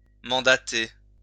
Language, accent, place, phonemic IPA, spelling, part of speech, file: French, France, Lyon, /mɑ̃.da.te/, mandater, verb, LL-Q150 (fra)-mandater.wav
- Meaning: to appoint, elect, commission